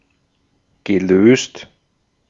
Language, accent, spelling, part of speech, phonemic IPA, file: German, Austria, gelöst, verb / adjective, /ɡəˈløːst/, De-at-gelöst.ogg
- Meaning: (verb) past participle of lösen; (adjective) 1. solved, resolved 2. relaxed 3. detached, disengaged 4. undone (knot)